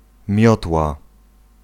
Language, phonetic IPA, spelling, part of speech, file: Polish, [ˈmʲjɔtwa], miotła, noun, Pl-miotła.ogg